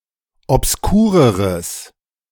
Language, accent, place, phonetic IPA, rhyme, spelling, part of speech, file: German, Germany, Berlin, [ɔpsˈkuːʁəʁəs], -uːʁəʁəs, obskureres, adjective, De-obskureres.ogg
- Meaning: strong/mixed nominative/accusative neuter singular comparative degree of obskur